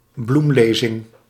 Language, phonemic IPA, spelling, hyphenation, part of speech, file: Dutch, /ˈblumˌleː.zɪŋ/, bloemlezing, bloem‧le‧zing, noun, Nl-bloemlezing.ogg
- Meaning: anthology